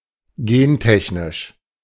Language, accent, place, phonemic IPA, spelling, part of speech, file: German, Germany, Berlin, /ˈɡeːnˌtɛçnɪʃ/, gentechnisch, adjective, De-gentechnisch.ogg
- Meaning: genetic engineering